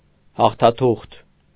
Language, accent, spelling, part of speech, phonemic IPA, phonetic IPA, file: Armenian, Eastern Armenian, հաղթաթուղթ, noun, /hɑχtʰɑˈtʰuχtʰ/, [hɑχtʰɑtʰúχtʰ], Hy-հաղթաթուղթ.ogg
- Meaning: trump